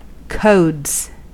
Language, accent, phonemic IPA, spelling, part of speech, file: English, US, /koʊdz/, codes, noun / verb, En-us-codes.ogg
- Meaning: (noun) plural of code; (verb) third-person singular simple present indicative of code